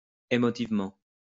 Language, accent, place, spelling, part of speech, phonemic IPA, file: French, France, Lyon, émotivement, adverb, /e.mɔ.tiv.mɑ̃/, LL-Q150 (fra)-émotivement.wav
- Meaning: emotively